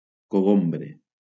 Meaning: 1. edible fruit of the cucumber vine 2. cucumber vine itself
- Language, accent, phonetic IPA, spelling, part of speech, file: Catalan, Valencia, [koˈɣom.bɾe], cogombre, noun, LL-Q7026 (cat)-cogombre.wav